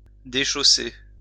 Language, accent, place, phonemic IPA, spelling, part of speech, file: French, France, Lyon, /de.ʃo.se/, déchausser, verb, LL-Q150 (fra)-déchausser.wav
- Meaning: 1. to remove someone's shoes 2. to take one's shoes off